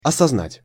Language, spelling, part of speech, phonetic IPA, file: Russian, осознать, verb, [ɐsɐzˈnatʲ], Ru-осознать.ogg
- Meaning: to recognize, to fathom, to realize, to be aware